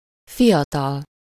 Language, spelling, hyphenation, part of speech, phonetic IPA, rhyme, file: Hungarian, fiatal, fi‧a‧tal, adjective / noun, [ˈfijɒtɒl], -ɒl, Hu-fiatal.ogg
- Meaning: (adjective) young; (noun) young person